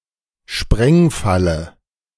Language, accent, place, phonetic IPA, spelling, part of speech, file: German, Germany, Berlin, [ˈʃpʁɛŋˌfalə], Sprengfalle, noun, De-Sprengfalle.ogg
- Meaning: booby trap